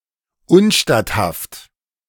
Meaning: Inadmissible, not allowed, against the rules,
- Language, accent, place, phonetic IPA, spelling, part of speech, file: German, Germany, Berlin, [ˈʊn.ʃtat.haft], unstatthaft, adjective, De-unstatthaft.ogg